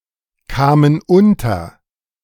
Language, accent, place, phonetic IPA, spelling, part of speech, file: German, Germany, Berlin, [ˌkaːmən ˈʊntɐ], kamen unter, verb, De-kamen unter.ogg
- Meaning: first/third-person plural preterite of unterkommen